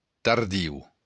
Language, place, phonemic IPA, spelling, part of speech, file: Occitan, Béarn, /tarˈðiw/, tardiu, adjective, LL-Q14185 (oci)-tardiu.wav
- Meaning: late